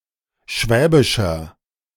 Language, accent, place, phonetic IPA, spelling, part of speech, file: German, Germany, Berlin, [ˈʃvɛːbɪʃɐ], schwäbischer, adjective, De-schwäbischer.ogg
- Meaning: inflection of schwäbisch: 1. strong/mixed nominative masculine singular 2. strong genitive/dative feminine singular 3. strong genitive plural